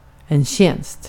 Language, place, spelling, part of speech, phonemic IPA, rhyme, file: Swedish, Gotland, tjänst, noun, /ɕɛnst/, -ɛnst, Sv-tjänst.ogg
- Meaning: 1. a favor 2. a position, a job, an employment, especially a public office (including jobs such as permanently employed teachers) 3. service